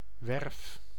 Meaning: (noun) 1. short for bouwwerf (“building site”) 2. short for scheepswerf (“shipyard”) 3. wharf, quay 4. field of interest and action, chapter on a to do list 5. time, occasion, instance
- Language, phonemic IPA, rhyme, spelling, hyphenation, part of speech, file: Dutch, /ʋɛrf/, -ɛrf, werf, werf, noun / verb, Nl-werf.ogg